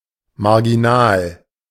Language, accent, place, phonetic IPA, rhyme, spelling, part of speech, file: German, Germany, Berlin, [maʁɡiˈnaːl], -aːl, marginal, adjective, De-marginal.ogg
- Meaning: marginal